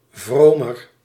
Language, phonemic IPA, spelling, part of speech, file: Dutch, /vromər/, vromer, adjective, Nl-vromer.ogg
- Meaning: comparative degree of vroom